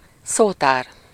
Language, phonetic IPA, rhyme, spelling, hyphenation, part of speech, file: Hungarian, [ˈsoːtaːr], -aːr, szótár, szó‧tár, noun, Hu-szótár.ogg
- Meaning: 1. dictionary (reference work with a list of words from one or more languages) 2. vocabulary (the collection of words a person knows and uses)